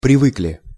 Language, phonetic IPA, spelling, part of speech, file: Russian, [prʲɪˈvɨklʲɪ], привыкли, verb, Ru-привыкли.ogg
- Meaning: short plural past indicative perfective of привы́кнуть (privýknutʹ)